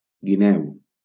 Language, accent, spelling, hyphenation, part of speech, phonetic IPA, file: Catalan, Valencia, guineu, gui‧neu, noun, [ɡiˈnɛw], LL-Q7026 (cat)-guineu.wav
- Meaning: 1. fox 2. red fox 3. common dragonet